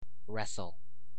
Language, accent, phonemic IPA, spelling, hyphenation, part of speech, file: English, General American, /ˈɹɛs(ə)l/, wrestle, wrest‧le, verb / noun, En-us-wrestle.ogg
- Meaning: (verb) 1. To take part in (a wrestling bout or match) 2. Sometimes followed by down: to contend with or move (someone) into or out of a position by grappling; also, to overcome (someone) by grappling